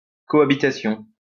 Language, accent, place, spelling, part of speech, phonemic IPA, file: French, France, Lyon, cohabitation, noun, /kɔ.a.bi.ta.sjɔ̃/, LL-Q150 (fra)-cohabitation.wav
- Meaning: 1. cohabitation (act of living together) 2. cohabitation